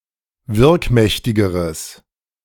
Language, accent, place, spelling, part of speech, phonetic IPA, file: German, Germany, Berlin, wirkmächtigeres, adjective, [ˈvɪʁkˌmɛçtɪɡəʁəs], De-wirkmächtigeres.ogg
- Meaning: strong/mixed nominative/accusative neuter singular comparative degree of wirkmächtig